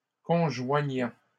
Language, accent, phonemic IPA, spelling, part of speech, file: French, Canada, /kɔ̃.ʒwa.ɲɑ̃/, conjoignant, verb, LL-Q150 (fra)-conjoignant.wav
- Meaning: present participle of conjoindre